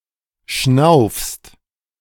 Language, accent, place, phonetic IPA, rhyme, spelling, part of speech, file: German, Germany, Berlin, [ʃnaʊ̯fst], -aʊ̯fst, schnaufst, verb, De-schnaufst.ogg
- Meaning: second-person singular present of schnaufen